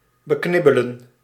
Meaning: to cut down on expenses, to save up (often parsimoniously)
- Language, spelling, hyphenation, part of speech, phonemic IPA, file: Dutch, beknibbelen, be‧knib‧be‧len, verb, /bəˈknɪbələ(n)/, Nl-beknibbelen.ogg